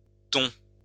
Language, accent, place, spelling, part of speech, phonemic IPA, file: French, France, Lyon, tons, noun, /tɔ̃/, LL-Q150 (fra)-tons.wav
- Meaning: plural of ton